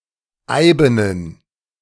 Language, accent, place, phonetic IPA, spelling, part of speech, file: German, Germany, Berlin, [ˈaɪ̯bənən], eibenen, adjective, De-eibenen.ogg
- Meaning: inflection of eiben: 1. strong genitive masculine/neuter singular 2. weak/mixed genitive/dative all-gender singular 3. strong/weak/mixed accusative masculine singular 4. strong dative plural